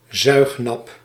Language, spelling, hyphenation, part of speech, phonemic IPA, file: Dutch, zuignap, zuig‧nap, noun, /ˈzœy̯x.nɑp/, Nl-zuignap.ogg
- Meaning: suction cup